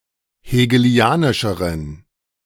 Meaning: inflection of hegelianisch: 1. strong genitive masculine/neuter singular comparative degree 2. weak/mixed genitive/dative all-gender singular comparative degree
- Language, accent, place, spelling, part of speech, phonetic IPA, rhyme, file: German, Germany, Berlin, hegelianischeren, adjective, [heːɡəˈli̯aːnɪʃəʁən], -aːnɪʃəʁən, De-hegelianischeren.ogg